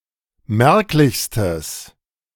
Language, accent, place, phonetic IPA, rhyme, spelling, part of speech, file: German, Germany, Berlin, [ˈmɛʁklɪçstəs], -ɛʁklɪçstəs, merklichstes, adjective, De-merklichstes.ogg
- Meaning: strong/mixed nominative/accusative neuter singular superlative degree of merklich